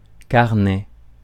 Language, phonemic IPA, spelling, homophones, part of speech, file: French, /kaʁ.nɛ/, carnet, carnets, noun, Fr-carnet.ogg
- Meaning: booklet, notebook